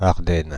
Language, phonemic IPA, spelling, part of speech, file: French, /aʁ.dɛn/, Ardennes, proper noun, Fr-Ardennes.ogg
- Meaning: Ardennes (forest, geographic region and low mountain range in France, Belgium, Germany and Luxembourg; in full, Ardennes Forest, Ardenne Forest, or Forest of Ardennes)